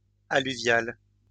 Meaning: alluvial
- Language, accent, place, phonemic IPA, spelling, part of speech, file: French, France, Lyon, /a.ly.vjal/, alluvial, adjective, LL-Q150 (fra)-alluvial.wav